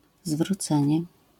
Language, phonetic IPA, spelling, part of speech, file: Polish, [zvruˈt͡sɛ̃ɲɛ], zwrócenie, noun, LL-Q809 (pol)-zwrócenie.wav